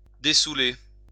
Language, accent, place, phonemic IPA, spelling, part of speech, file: French, France, Lyon, /de.su.le/, dessoûler, verb, LL-Q150 (fra)-dessoûler.wav
- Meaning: Pre-1990 spelling of dessouler